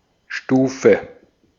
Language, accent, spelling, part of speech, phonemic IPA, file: German, Austria, Stufe, noun, /ˈʃtuː.fə/, De-at-Stufe.ogg
- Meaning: 1. step, tread (of a stair or ladder) 2. degree, stage, level, rank, phase 3. clipping of Jahrgangsstufe: year (all pupils of a year or grade, regardless of forms)